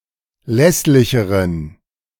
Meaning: inflection of lässlich: 1. strong genitive masculine/neuter singular comparative degree 2. weak/mixed genitive/dative all-gender singular comparative degree
- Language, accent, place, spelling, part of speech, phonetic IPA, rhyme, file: German, Germany, Berlin, lässlicheren, adjective, [ˈlɛslɪçəʁən], -ɛslɪçəʁən, De-lässlicheren.ogg